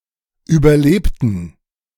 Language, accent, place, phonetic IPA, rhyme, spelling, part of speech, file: German, Germany, Berlin, [ˌyːbɐˈleːptn̩], -eːptn̩, überlebten, adjective / verb, De-überlebten.ogg
- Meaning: inflection of überleben: 1. first/third-person plural preterite 2. first/third-person plural subjunctive II